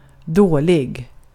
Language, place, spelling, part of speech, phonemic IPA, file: Swedish, Gotland, dålig, adjective, /²doː.lɪ(ɡ)/, Sv-dålig.ogg
- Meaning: 1. bad (similar senses to English, but see subsenses and usage notes) 2. bad (similar senses to English, but see subsenses and usage notes): poor